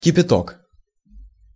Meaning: boiling water (verbal noun of кипяти́ть (kipjatítʹ) (nomen resultatis, nomen obiecti), verbal noun of кипе́ть (kipétʹ) (nomen obiecti, via the causative chain))
- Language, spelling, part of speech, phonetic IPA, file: Russian, кипяток, noun, [kʲɪpʲɪˈtok], Ru-кипяток.ogg